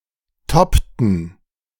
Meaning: inflection of toppen: 1. first/third-person plural preterite 2. first/third-person plural subjunctive II
- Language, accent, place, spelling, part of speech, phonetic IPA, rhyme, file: German, Germany, Berlin, toppten, verb, [ˈtɔptn̩], -ɔptn̩, De-toppten.ogg